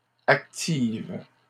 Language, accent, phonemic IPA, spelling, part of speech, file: French, Canada, /ak.tiv/, activent, verb, LL-Q150 (fra)-activent.wav
- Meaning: third-person plural present indicative/subjunctive of activer